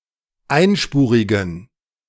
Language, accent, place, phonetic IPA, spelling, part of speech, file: German, Germany, Berlin, [ˈaɪ̯nˌʃpuːʁɪɡn̩], einspurigen, adjective, De-einspurigen.ogg
- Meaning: inflection of einspurig: 1. strong genitive masculine/neuter singular 2. weak/mixed genitive/dative all-gender singular 3. strong/weak/mixed accusative masculine singular 4. strong dative plural